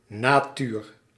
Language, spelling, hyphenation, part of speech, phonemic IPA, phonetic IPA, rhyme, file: Dutch, natuur, na‧tuur, noun, /naːˈtyr/, [na(ː)ˈtyːr], -yːr, Nl-natuur.ogg
- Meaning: 1. nature 2. character